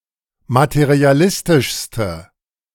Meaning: inflection of materialistisch: 1. strong/mixed nominative/accusative feminine singular superlative degree 2. strong nominative/accusative plural superlative degree
- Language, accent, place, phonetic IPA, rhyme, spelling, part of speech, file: German, Germany, Berlin, [matəʁiaˈlɪstɪʃstə], -ɪstɪʃstə, materialistischste, adjective, De-materialistischste.ogg